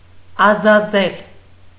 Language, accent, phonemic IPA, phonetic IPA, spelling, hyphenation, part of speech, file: Armenian, Eastern Armenian, /ɑzɑˈzel/, [ɑzɑzél], ազազել, ա‧զա‧զել, verb, Hy-ազազել.ogg
- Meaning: 1. to dry up, to become dry 2. to rage, become enraged